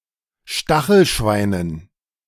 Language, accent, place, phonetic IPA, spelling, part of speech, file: German, Germany, Berlin, [ˈʃtaxl̩ˌʃvaɪ̯nən], Stachelschweinen, noun, De-Stachelschweinen.ogg
- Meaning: dative plural of Stachelschwein